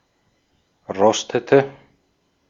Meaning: inflection of rosten: 1. first/third-person singular preterite 2. first/third-person singular subjunctive II
- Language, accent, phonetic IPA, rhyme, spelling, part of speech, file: German, Austria, [ˈʁɔstətə], -ɔstətə, rostete, verb, De-at-rostete.ogg